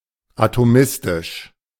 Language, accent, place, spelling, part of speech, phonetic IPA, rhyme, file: German, Germany, Berlin, atomistisch, adjective, [ˌatoˈmɪstɪʃ], -ɪstɪʃ, De-atomistisch.ogg
- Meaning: atomistic